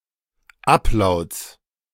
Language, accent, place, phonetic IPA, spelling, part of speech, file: German, Germany, Berlin, [ˈapˌlaʊ̯t͡s], Ablauts, noun, De-Ablauts.ogg
- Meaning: genitive singular of Ablaut